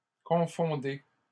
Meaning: inflection of confondre: 1. second-person plural present indicative 2. second-person plural imperative
- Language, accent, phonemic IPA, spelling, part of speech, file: French, Canada, /kɔ̃.fɔ̃.de/, confondez, verb, LL-Q150 (fra)-confondez.wav